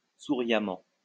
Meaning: smilingly
- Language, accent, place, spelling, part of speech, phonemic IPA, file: French, France, Lyon, souriamment, adverb, /su.ʁja.mɑ̃/, LL-Q150 (fra)-souriamment.wav